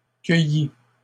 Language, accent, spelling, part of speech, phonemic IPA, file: French, Canada, cueillît, verb, /kœ.ji/, LL-Q150 (fra)-cueillît.wav
- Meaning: third-person singular imperfect subjunctive of cueillir